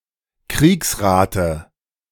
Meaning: dative singular of Kriegsrat
- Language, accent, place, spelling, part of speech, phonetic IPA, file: German, Germany, Berlin, Kriegsrate, noun, [ˈkʁiːksˌʁaːtə], De-Kriegsrate.ogg